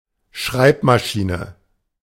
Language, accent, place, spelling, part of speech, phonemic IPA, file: German, Germany, Berlin, Schreibmaschine, noun, /ˈʃʁaɪ̯pmaˌʃiːnə/, De-Schreibmaschine.ogg
- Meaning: typewriter (machine)